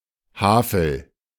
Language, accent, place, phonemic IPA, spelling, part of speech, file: German, Germany, Berlin, /ˈhaːfl̩/, Havel, proper noun, De-Havel.ogg
- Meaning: Havel (a river in Germany)